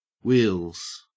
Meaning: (noun) 1. plural of wheel 2. An automobile or other vehicle; a set of wheels 3. Well-developed thigh muscles; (verb) third-person singular simple present indicative of wheel
- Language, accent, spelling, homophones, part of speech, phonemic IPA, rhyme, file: English, Australia, wheels, wheals, noun / verb, /wiːlz/, -iːlz, En-au-wheels.ogg